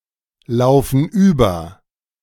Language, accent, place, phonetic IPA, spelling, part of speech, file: German, Germany, Berlin, [ˌlaʊ̯fn̩ ˈyːbɐ], laufen über, verb, De-laufen über.ogg
- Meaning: inflection of überlaufen: 1. first/third-person plural present 2. first/third-person plural subjunctive I